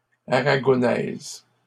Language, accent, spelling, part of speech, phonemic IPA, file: French, Canada, aragonaise, adjective, /a.ʁa.ɡɔ.nɛz/, LL-Q150 (fra)-aragonaise.wav
- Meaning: feminine singular of aragonais